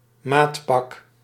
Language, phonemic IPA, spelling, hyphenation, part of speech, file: Dutch, /ˈmaːt.pɑk/, maatpak, maat‧pak, noun, Nl-maatpak.ogg
- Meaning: a tailor-made suit, a bespoke suit